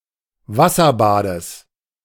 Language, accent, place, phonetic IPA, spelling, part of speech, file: German, Germany, Berlin, [ˈvasɐˌbaːdəs], Wasserbades, noun, De-Wasserbades.ogg
- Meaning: genitive singular of Wasserbad